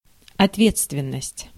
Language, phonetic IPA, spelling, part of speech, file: Russian, [ɐtˈvʲet͡stvʲɪn(ː)əsʲtʲ], ответственность, noun, Ru-ответственность.ogg
- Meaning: responsibility